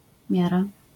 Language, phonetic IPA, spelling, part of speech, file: Polish, [ˈmʲjara], miara, noun, LL-Q809 (pol)-miara.wav